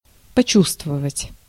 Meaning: to feel (something)
- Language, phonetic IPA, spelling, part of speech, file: Russian, [pɐˈt͡ɕustvəvətʲ], почувствовать, verb, Ru-почувствовать.ogg